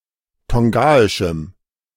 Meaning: strong dative masculine/neuter singular of tongaisch
- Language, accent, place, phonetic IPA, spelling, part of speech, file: German, Germany, Berlin, [ˈtɔŋɡaɪʃm̩], tongaischem, adjective, De-tongaischem.ogg